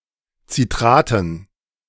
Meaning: dative plural of Citrat
- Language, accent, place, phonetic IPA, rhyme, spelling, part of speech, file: German, Germany, Berlin, [t͡siˈtʁaːtn̩], -aːtn̩, Citraten, noun, De-Citraten.ogg